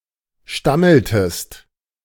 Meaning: inflection of stammeln: 1. second-person singular preterite 2. second-person singular subjunctive II
- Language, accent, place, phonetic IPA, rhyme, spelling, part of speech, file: German, Germany, Berlin, [ˈʃtaml̩təst], -aml̩təst, stammeltest, verb, De-stammeltest.ogg